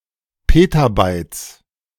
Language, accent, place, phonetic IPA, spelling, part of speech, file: German, Germany, Berlin, [ˈpeːtaˌbaɪ̯t͡s], Petabytes, noun, De-Petabytes.ogg
- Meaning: plural of Petabyte